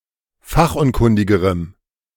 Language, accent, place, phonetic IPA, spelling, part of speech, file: German, Germany, Berlin, [ˈfaxʔʊnˌkʊndɪɡəʁəm], fachunkundigerem, adjective, De-fachunkundigerem.ogg
- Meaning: strong dative masculine/neuter singular comparative degree of fachunkundig